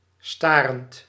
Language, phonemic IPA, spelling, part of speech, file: Dutch, /ˈstarənt/, starend, verb / adjective, Nl-starend.ogg
- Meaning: present participle of staren